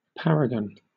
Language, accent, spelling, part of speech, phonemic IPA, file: English, Southern England, paragon, noun / verb, /ˈpæɹəɡən/, LL-Q1860 (eng)-paragon.wav
- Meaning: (noun) 1. A person of preeminent qualities, who acts as a pattern or model for others 2. A companion; a match; an equal 3. Comparison; competition